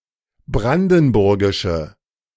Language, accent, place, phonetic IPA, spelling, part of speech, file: German, Germany, Berlin, [ˈbʁandn̩ˌbʊʁɡɪʃə], brandenburgische, adjective, De-brandenburgische.ogg
- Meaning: inflection of brandenburgisch: 1. strong/mixed nominative/accusative feminine singular 2. strong nominative/accusative plural 3. weak nominative all-gender singular